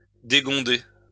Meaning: 1. to unhinge, to take from its hinge 2. "to come unhinged, to come off its hinges; to be unhinged (confused)"
- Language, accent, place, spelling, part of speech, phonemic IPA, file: French, France, Lyon, dégonder, verb, /de.ɡɔ̃.de/, LL-Q150 (fra)-dégonder.wav